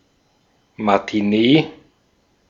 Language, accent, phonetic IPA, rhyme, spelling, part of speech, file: German, Austria, [matiˈneː], -eː, Matinee, noun, De-at-Matinee.ogg
- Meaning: matinee